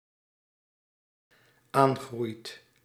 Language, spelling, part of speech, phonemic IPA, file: Dutch, aangroeit, verb, /ˈaŋɣrʏjt/, Nl-aangroeit.ogg
- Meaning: second/third-person singular dependent-clause present indicative of aangroeien